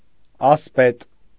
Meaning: 1. knight 2. aspet (Armenian hereditary title)
- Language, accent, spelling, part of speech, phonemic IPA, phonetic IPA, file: Armenian, Eastern Armenian, ասպետ, noun, /ɑsˈpet/, [ɑspét], Hy-ասպետ.ogg